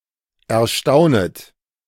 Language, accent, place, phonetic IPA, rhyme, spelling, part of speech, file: German, Germany, Berlin, [ɛɐ̯ˈʃtaʊ̯nət], -aʊ̯nət, erstaunet, verb, De-erstaunet.ogg
- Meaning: second-person plural subjunctive I of erstaunen